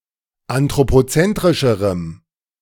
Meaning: strong dative masculine/neuter singular comparative degree of anthropozentrisch
- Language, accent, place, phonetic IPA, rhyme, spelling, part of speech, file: German, Germany, Berlin, [antʁopoˈt͡sɛntʁɪʃəʁəm], -ɛntʁɪʃəʁəm, anthropozentrischerem, adjective, De-anthropozentrischerem.ogg